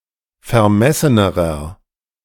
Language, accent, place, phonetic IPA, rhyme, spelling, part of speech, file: German, Germany, Berlin, [fɛɐ̯ˈmɛsənəʁɐ], -ɛsənəʁɐ, vermessenerer, adjective, De-vermessenerer.ogg
- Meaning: inflection of vermessen: 1. strong/mixed nominative masculine singular comparative degree 2. strong genitive/dative feminine singular comparative degree 3. strong genitive plural comparative degree